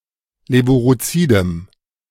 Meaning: strong dative masculine/neuter singular of levurozid
- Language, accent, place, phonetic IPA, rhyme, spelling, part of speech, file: German, Germany, Berlin, [ˌleːvuʁoˈt͡siːdəm], -iːdəm, levurozidem, adjective, De-levurozidem.ogg